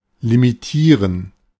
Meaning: to limit
- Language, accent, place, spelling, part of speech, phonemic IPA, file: German, Germany, Berlin, limitieren, verb, /limiˈtiːʁən/, De-limitieren.ogg